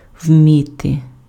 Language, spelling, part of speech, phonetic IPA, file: Ukrainian, вміти, verb, [ˈwmʲite], Uk-вміти.ogg
- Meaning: alternative form of умі́ти impf (umíty)